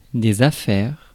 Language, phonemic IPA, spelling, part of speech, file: French, /a.fɛʁ/, affaires, noun, Fr-affaires.ogg
- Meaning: 1. plural of affaire 2. belongings 3. business